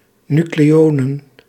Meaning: plural of nucleon
- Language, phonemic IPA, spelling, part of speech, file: Dutch, /ˈny.kleː.oː.nən/, nucleonen, noun, Nl-nucleonen.ogg